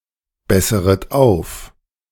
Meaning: second-person plural subjunctive I of aufbessern
- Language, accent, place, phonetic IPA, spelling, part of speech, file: German, Germany, Berlin, [ˌbɛsəʁət ˈaʊ̯f], besseret auf, verb, De-besseret auf.ogg